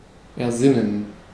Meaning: to think up, to conceive
- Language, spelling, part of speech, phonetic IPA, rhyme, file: German, ersinnen, verb, [ɛɐ̯ˈzɪnən], -ɪnən, De-ersinnen.ogg